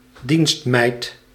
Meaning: maid, maidservant
- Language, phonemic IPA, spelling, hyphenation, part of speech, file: Dutch, /ˈdinst.mɛi̯t/, dienstmeid, dienst‧meid, noun, Nl-dienstmeid.ogg